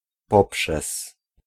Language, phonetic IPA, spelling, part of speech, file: Polish, [ˈpɔpʃɛs], poprzez, preposition, Pl-poprzez.ogg